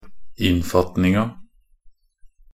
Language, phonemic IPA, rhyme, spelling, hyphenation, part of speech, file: Norwegian Bokmål, /ˈɪnːfatnɪŋa/, -ɪŋa, innfatninga, inn‧fat‧ning‧a, noun, Nb-innfatninga.ogg
- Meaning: definite feminine singular of innfatning